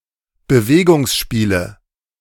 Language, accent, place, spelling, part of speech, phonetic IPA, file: German, Germany, Berlin, Bewegungsspiele, noun, [bəˈveːɡʊŋsˌʃpiːlə], De-Bewegungsspiele.ogg
- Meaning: movement games